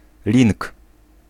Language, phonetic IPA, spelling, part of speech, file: Polish, [lʲĩŋk], link, noun, Pl-link.ogg